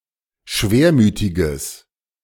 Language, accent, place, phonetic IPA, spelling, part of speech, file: German, Germany, Berlin, [ˈʃveːɐ̯ˌmyːtɪɡəs], schwermütiges, adjective, De-schwermütiges.ogg
- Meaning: strong/mixed nominative/accusative neuter singular of schwermütig